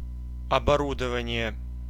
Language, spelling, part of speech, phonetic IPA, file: Russian, оборудование, noun, [ɐbɐˈrudəvənʲɪje], Ru-оборудование.ogg
- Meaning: 1. equipment, machinery, hardware 2. verbal noun of обору́довать (oborúdovatʹ): equipping, fitting-out (process of providing or installing equipment)